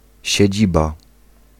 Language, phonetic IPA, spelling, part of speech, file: Polish, [ɕɛ̇ˈd͡ʑiba], siedziba, noun, Pl-siedziba.ogg